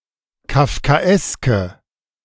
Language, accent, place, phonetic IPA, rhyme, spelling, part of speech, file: German, Germany, Berlin, [kafkaˈʔɛskə], -ɛskə, kafkaeske, adjective, De-kafkaeske.ogg
- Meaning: inflection of kafkaesk: 1. strong/mixed nominative/accusative feminine singular 2. strong nominative/accusative plural 3. weak nominative all-gender singular